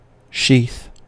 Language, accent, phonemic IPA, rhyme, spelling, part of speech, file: English, General American, /ʃiθ/, -iːθ, sheath, noun, En-us-sheath.ogg
- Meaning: 1. A holster for a sword; a scabbard 2. Anything that has a similar shape to a scabbard that is used to hold an object that is longer than it is wide